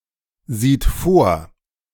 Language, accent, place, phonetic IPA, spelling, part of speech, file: German, Germany, Berlin, [ˌziːt ˈfoːɐ̯], sieht vor, verb, De-sieht vor.ogg
- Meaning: third-person singular present of vorsehen